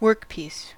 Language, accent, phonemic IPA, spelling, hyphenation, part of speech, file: English, General American, /ˈwɜɹkˌpis/, workpiece, work‧piece, noun, En-us-workpiece.ogg
- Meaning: A partially finished object (often composed of a raw material) which is subjected to various operations, worked on with tools, etc